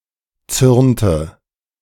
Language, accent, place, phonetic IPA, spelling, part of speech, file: German, Germany, Berlin, [ˈt͡sʏʁntə], zürnte, verb, De-zürnte.ogg
- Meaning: inflection of zürnen: 1. first/third-person singular preterite 2. first/third-person singular subjunctive II